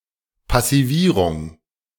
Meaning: passivation (formation of a corrosion-inhibiting film)
- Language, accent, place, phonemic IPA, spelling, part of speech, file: German, Germany, Berlin, /pasiˈviːʁʊŋ/, Passivierung, noun, De-Passivierung.ogg